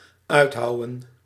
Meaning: to hew out
- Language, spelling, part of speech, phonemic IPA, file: Dutch, uithouwen, verb, /ˈœy̯tˌɦɑu̯ə(n)/, Nl-uithouwen.ogg